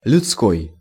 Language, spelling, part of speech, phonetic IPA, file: Russian, людской, adjective, [lʲʊt͡sˈkoj], Ru-людской.ogg
- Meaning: human